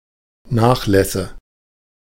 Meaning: nominative/accusative/genitive plural of Nachlass
- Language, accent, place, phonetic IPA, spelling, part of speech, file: German, Germany, Berlin, [ˈnaːxˌlɛsə], Nachlässe, noun, De-Nachlässe.ogg